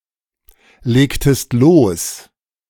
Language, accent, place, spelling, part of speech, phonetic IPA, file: German, Germany, Berlin, legtest los, verb, [ˌleːktəst ˈloːs], De-legtest los.ogg
- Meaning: inflection of loslegen: 1. second-person singular preterite 2. second-person singular subjunctive II